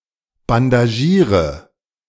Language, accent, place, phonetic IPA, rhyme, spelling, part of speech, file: German, Germany, Berlin, [bandaˈʒiːʁə], -iːʁə, bandagiere, verb, De-bandagiere.ogg
- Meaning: inflection of bandagieren: 1. first-person singular present 2. singular imperative 3. first/third-person singular subjunctive I